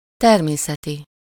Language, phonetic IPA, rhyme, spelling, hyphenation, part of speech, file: Hungarian, [ˈtɛrmeːsɛti], -ti, természeti, ter‧mé‧sze‧ti, adjective, Hu-természeti.ogg
- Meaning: natural, nature's, of nature (of, or relating to nature)